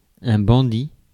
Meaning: bandit
- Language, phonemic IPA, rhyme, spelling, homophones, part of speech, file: French, /bɑ̃.di/, -i, bandit, bandits, noun, Fr-bandit.ogg